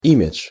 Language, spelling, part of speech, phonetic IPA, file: Russian, имидж, noun, [ˈimʲɪt͡ʂʂ], Ru-имидж.ogg
- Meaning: image (characteristic as perceived by others)